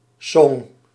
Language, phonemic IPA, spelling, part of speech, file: Dutch, /sɔŋ/, song, noun, Nl-song.ogg
- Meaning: song